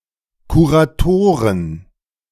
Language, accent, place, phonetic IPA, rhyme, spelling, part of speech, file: German, Germany, Berlin, [kuʁaˈtoːʁən], -oːʁən, Kuratoren, noun, De-Kuratoren.ogg
- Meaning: plural of Kurator